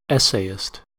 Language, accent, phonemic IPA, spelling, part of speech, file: English, US, /ˈɛ.seɪ.ɪst/, essayist, noun, En-us-essayist.ogg
- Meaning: One who composes essays; a writer of short compositions